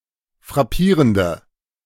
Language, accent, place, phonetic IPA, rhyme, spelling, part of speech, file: German, Germany, Berlin, [fʁaˈpiːʁəndə], -iːʁəndə, frappierende, adjective, De-frappierende.ogg
- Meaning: inflection of frappierend: 1. strong/mixed nominative/accusative feminine singular 2. strong nominative/accusative plural 3. weak nominative all-gender singular